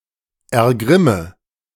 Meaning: inflection of ergrimmen: 1. first-person singular present 2. first/third-person singular subjunctive I 3. singular imperative
- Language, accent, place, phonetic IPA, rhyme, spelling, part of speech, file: German, Germany, Berlin, [ɛɐ̯ˈɡʁɪmə], -ɪmə, ergrimme, verb, De-ergrimme.ogg